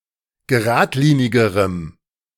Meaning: strong dative masculine/neuter singular comparative degree of geradlinig
- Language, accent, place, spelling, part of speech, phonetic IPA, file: German, Germany, Berlin, geradlinigerem, adjective, [ɡəˈʁaːtˌliːnɪɡəʁəm], De-geradlinigerem.ogg